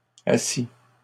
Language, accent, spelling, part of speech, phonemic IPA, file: French, Canada, assit, verb, /a.si/, LL-Q150 (fra)-assit.wav
- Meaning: third-person singular past historic of asseoir